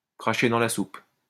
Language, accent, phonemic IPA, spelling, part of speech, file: French, France, /kʁa.ʃe dɑ̃ la sup/, cracher dans la soupe, verb, LL-Q150 (fra)-cracher dans la soupe.wav
- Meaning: to bite the hand that feeds one (to treat what is offered or available with neglect and disdain)